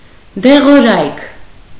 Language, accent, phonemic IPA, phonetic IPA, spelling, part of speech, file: Armenian, Eastern Armenian, /deʁoˈɾɑjkʰ/, [deʁoɾɑ́jkʰ], դեղորայք, noun, Hy-դեղորայք.ogg
- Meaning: medicines, medication, drugs